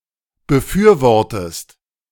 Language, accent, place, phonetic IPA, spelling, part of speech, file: German, Germany, Berlin, [bəˈfyːɐ̯ˌvɔʁtəst], befürwortest, verb, De-befürwortest.ogg
- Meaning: inflection of befürworten: 1. second-person singular present 2. second-person singular subjunctive I